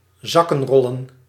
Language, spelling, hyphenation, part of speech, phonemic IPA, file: Dutch, zakkenrollen, zak‧ken‧rol‧len, verb, /ˈzɑ.kə(n)ˌrɔ.lə(n)/, Nl-zakkenrollen.ogg
- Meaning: to pickpocket